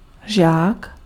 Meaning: 1. pupil (in school) 2. disciple
- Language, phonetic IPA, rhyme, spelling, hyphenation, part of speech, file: Czech, [ˈʒaːk], -aːk, žák, žák, noun, Cs-žák.ogg